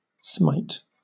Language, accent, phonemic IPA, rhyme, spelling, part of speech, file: English, Southern England, /smaɪt/, -aɪt, smite, verb / noun, LL-Q1860 (eng)-smite.wav
- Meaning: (verb) 1. To hit; to strike 2. To strike down or kill with godly force 3. To injure with divine power 4. To kill violently; to slay 5. To put to rout in battle; to overthrow by war